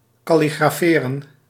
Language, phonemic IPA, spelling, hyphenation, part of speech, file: Dutch, /ˌkɑ.li.ɣraːˈfeː.rə(n)/, kalligraferen, kal‧li‧gra‧fe‧ren, verb, Nl-kalligraferen.ogg
- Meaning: to calligraph